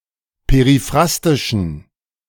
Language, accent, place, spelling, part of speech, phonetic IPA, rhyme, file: German, Germany, Berlin, periphrastischen, adjective, [peʁiˈfʁastɪʃn̩], -astɪʃn̩, De-periphrastischen.ogg
- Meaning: inflection of periphrastisch: 1. strong genitive masculine/neuter singular 2. weak/mixed genitive/dative all-gender singular 3. strong/weak/mixed accusative masculine singular 4. strong dative plural